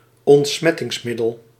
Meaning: disinfectant, antiseptic (antiseptic agent)
- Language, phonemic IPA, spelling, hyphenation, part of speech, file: Dutch, /ɔntˈsmɛ.tɪŋsˌmɪ.dəl/, ontsmettingsmiddel, ont‧smet‧tings‧mid‧del, noun, Nl-ontsmettingsmiddel.ogg